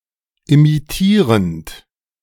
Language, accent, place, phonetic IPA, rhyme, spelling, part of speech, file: German, Germany, Berlin, [imiˈtiːʁənt], -iːʁənt, imitierend, verb, De-imitierend.ogg
- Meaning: present participle of imitieren